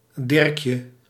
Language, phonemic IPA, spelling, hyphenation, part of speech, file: Dutch, /ˈdɪrkjə/, Dirkje, Dirk‧je, proper noun, Nl-Dirkje.ogg
- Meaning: a female given name, masculine equivalent Dirk